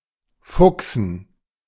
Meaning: 1. to annoy 2. to be annoyed 3. to fuck
- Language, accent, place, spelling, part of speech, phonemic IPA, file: German, Germany, Berlin, fuchsen, verb, /ˈfʊksn̩/, De-fuchsen.ogg